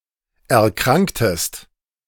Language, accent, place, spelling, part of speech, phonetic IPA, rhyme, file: German, Germany, Berlin, erkranktest, verb, [ɛɐ̯ˈkʁaŋktəst], -aŋktəst, De-erkranktest.ogg
- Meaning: inflection of erkranken: 1. second-person singular preterite 2. second-person singular subjunctive II